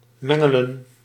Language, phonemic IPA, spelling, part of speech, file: Dutch, /ˈmɛ.ŋə.lə(n)/, mengelen, verb, Nl-mengelen.ogg
- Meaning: to mix